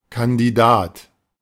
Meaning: candidate
- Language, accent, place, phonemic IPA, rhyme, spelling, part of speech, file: German, Germany, Berlin, /kandiˈdaːt/, -aːt, Kandidat, noun, De-Kandidat.ogg